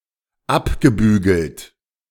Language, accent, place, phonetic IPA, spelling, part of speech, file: German, Germany, Berlin, [ˈapɡəˌbyːɡl̩t], abgebügelt, verb, De-abgebügelt.ogg
- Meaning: past participle of abbügeln